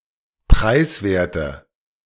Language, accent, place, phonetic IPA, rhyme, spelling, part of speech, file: German, Germany, Berlin, [ˈpʁaɪ̯sˌveːɐ̯tə], -aɪ̯sveːɐ̯tə, preiswerte, adjective, De-preiswerte.ogg
- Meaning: inflection of preiswert: 1. strong/mixed nominative/accusative feminine singular 2. strong nominative/accusative plural 3. weak nominative all-gender singular